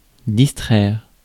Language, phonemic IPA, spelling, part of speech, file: French, /dis.tʁɛʁ/, distraire, verb, Fr-distraire.ogg
- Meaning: to distract